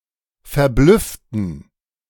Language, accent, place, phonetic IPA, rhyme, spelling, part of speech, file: German, Germany, Berlin, [fɛɐ̯ˈblʏftn̩], -ʏftn̩, verblüfften, adjective / verb, De-verblüfften.ogg
- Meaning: inflection of verblüfft: 1. strong genitive masculine/neuter singular 2. weak/mixed genitive/dative all-gender singular 3. strong/weak/mixed accusative masculine singular 4. strong dative plural